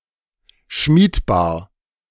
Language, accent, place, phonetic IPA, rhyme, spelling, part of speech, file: German, Germany, Berlin, [ˈʃmiːtˌbaːɐ̯], -iːtbaːɐ̯, schmiedbar, adjective, De-schmiedbar.ogg
- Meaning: malleable